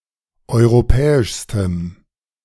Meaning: strong dative masculine/neuter singular superlative degree of europäisch
- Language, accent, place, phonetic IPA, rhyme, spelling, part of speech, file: German, Germany, Berlin, [ˌɔɪ̯ʁoˈpɛːɪʃstəm], -ɛːɪʃstəm, europäischstem, adjective, De-europäischstem.ogg